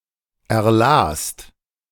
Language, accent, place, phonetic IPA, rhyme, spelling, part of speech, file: German, Germany, Berlin, [ɛɐ̯ˈlaːst], -aːst, erlast, verb, De-erlast.ogg
- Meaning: second-person singular/plural preterite of erlesen